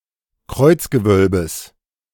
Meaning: genitive singular of Kreuzgewölbe
- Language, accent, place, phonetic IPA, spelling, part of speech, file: German, Germany, Berlin, [ˈkʁɔɪ̯t͡sɡəˌvœlbəs], Kreuzgewölbes, noun, De-Kreuzgewölbes.ogg